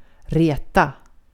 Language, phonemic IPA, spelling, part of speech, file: Swedish, /ˈrêː.ta/, reta, verb, Sv-reta.ogg
- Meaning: 1. to tease 2. to annoy or irritate or provoke; to make somebody or something irritated